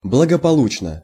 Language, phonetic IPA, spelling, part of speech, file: Russian, [bɫəɡəpɐˈɫut͡ɕnə], благополучно, adverb / adjective, Ru-благополучно.ogg
- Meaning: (adverb) safely, well, successfully, happily (in a secure manner; without the possibility of injury or harm resulting); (adjective) short neuter singular of благополу́чный (blagopolúčnyj)